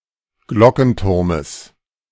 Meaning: genitive singular of Glockenturm
- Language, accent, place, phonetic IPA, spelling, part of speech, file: German, Germany, Berlin, [ˈɡlɔkn̩ˌtʊʁməs], Glockenturmes, noun, De-Glockenturmes.ogg